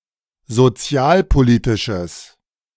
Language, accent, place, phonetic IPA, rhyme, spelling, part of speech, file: German, Germany, Berlin, [zoˈt͡si̯aːlpoˌliːtɪʃəs], -aːlpoliːtɪʃəs, sozialpolitisches, adjective, De-sozialpolitisches.ogg
- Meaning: strong/mixed nominative/accusative neuter singular of sozialpolitisch